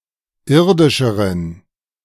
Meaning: inflection of irdisch: 1. strong genitive masculine/neuter singular comparative degree 2. weak/mixed genitive/dative all-gender singular comparative degree
- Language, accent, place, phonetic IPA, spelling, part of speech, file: German, Germany, Berlin, [ˈɪʁdɪʃəʁən], irdischeren, adjective, De-irdischeren.ogg